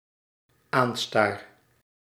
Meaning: first-person singular dependent-clause present indicative of aanstaren
- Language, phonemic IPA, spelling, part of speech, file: Dutch, /ˈanstar/, aanstaar, verb, Nl-aanstaar.ogg